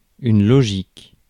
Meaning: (noun) logic; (adjective) logical
- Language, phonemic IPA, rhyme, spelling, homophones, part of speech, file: French, /lɔ.ʒik/, -ik, logique, logiques, noun / adjective, Fr-logique.ogg